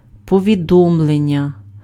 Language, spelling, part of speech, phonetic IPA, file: Ukrainian, повідомлення, noun, [pɔʋʲiˈdɔmɫenʲːɐ], Uk-повідомлення.ogg
- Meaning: 1. message 2. notification, notice, report, announcement